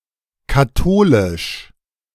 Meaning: abbreviation of katholisch
- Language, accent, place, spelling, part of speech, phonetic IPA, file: German, Germany, Berlin, kath., abbreviation, [kaˈtoːlɪʃ], De-kath..ogg